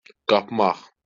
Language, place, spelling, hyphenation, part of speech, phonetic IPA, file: Azerbaijani, Baku, qapmaq, qap‧maq, verb, [ɡɑpˈmɑχ], LL-Q9292 (aze)-qapmaq.wav
- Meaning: 1. to grab, to snap 2. to snatch, steal